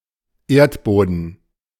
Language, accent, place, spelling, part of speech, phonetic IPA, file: German, Germany, Berlin, Erdboden, noun, [ˈeːɐ̯tˌboːdn̩], De-Erdboden.ogg
- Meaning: ground